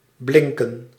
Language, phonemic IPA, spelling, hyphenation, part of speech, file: Dutch, /ˈblɪŋkə(n)/, blinken, blin‧ken, verb, Nl-blinken.ogg
- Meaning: to shine, to glitter (reflect light)